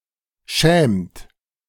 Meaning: inflection of schämen: 1. second-person plural present 2. third-person singular present 3. plural imperative
- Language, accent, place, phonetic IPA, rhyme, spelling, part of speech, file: German, Germany, Berlin, [ʃɛːmt], -ɛːmt, schämt, verb, De-schämt.ogg